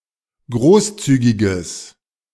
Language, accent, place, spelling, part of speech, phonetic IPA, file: German, Germany, Berlin, großzügiges, adjective, [ˈɡʁoːsˌt͡syːɡɪɡəs], De-großzügiges.ogg
- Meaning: strong/mixed nominative/accusative neuter singular of großzügig